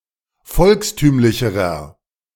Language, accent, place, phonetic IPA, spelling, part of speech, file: German, Germany, Berlin, [ˈfɔlksˌtyːmlɪçəʁɐ], volkstümlicherer, adjective, De-volkstümlicherer.ogg
- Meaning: inflection of volkstümlich: 1. strong/mixed nominative masculine singular comparative degree 2. strong genitive/dative feminine singular comparative degree 3. strong genitive plural comparative degree